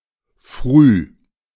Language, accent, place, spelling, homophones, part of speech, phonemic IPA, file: German, Germany, Berlin, Früh, früh, noun, /fʁyː/, De-Früh.ogg
- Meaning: alternative form of Frühe (“morning”)